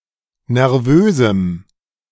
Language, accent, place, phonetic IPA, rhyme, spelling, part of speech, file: German, Germany, Berlin, [nɛʁˈvøːzm̩], -øːzm̩, nervösem, adjective, De-nervösem.ogg
- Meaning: strong dative masculine/neuter singular of nervös